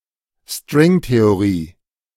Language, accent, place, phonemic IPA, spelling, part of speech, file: German, Germany, Berlin, /ˈstʁɪŋteoˌʁiː/, Stringtheorie, noun, De-Stringtheorie.ogg
- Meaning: string theory